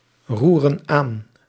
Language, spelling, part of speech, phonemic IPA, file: Dutch, roeren aan, verb, /ˈrurə(n) ˈan/, Nl-roeren aan.ogg
- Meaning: inflection of aanroeren: 1. plural present indicative 2. plural present subjunctive